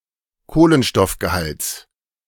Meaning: genitive singular of Kohlenstoffgehalt
- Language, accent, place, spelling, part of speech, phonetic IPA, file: German, Germany, Berlin, Kohlenstoffgehalts, noun, [ˈkoːlənʃtɔfɡəˌhalt͡s], De-Kohlenstoffgehalts.ogg